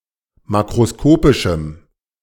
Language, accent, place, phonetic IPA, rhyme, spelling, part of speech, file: German, Germany, Berlin, [ˌmakʁoˈskoːpɪʃm̩], -oːpɪʃm̩, makroskopischem, adjective, De-makroskopischem.ogg
- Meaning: strong dative masculine/neuter singular of makroskopisch